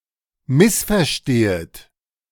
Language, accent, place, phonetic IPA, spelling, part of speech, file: German, Germany, Berlin, [ˈmɪsfɛɐ̯ˌʃteːət], missverstehet, verb, De-missverstehet.ogg
- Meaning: second-person plural subjunctive I of missverstehen